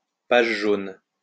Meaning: yellow pages
- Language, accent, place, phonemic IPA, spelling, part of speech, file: French, France, Lyon, /paʒ ʒon/, pages jaunes, noun, LL-Q150 (fra)-pages jaunes.wav